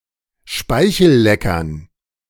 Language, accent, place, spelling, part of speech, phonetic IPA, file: German, Germany, Berlin, Speichelleckern, noun, [ˈʃpaɪ̯çl̩ˌlɛkɐn], De-Speichelleckern.ogg
- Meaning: dative plural of Speichellecker